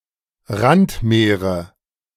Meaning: nominative/accusative/genitive plural of Randmeer
- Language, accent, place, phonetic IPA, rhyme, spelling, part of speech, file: German, Germany, Berlin, [ˈʁantˌmeːʁə], -antmeːʁə, Randmeere, noun, De-Randmeere.ogg